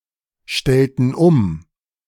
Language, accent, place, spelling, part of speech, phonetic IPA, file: German, Germany, Berlin, stellten um, verb, [ˌʃtɛltn̩ ˈʊm], De-stellten um.ogg
- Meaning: inflection of umstellen: 1. first/third-person plural preterite 2. first/third-person plural subjunctive II